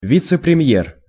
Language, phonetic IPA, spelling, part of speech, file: Russian, [ˌvʲit͡sɨ prʲɪˈm⁽ʲ⁾jer], вице-премьер, noun, Ru-вице-премьер.ogg
- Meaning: deputy prime minister, vice prime minister